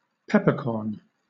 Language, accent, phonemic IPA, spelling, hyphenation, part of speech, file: English, Southern England, /ˈpɛpəkɔːn/, peppercorn, pep‧per‧corn, noun, LL-Q1860 (eng)-peppercorn.wav
- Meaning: 1. The seeds of the pepper plant Piper nigrum, commonly used as a spice, usually ground or crushed 2. A small, insignificant quantity; a whit or jot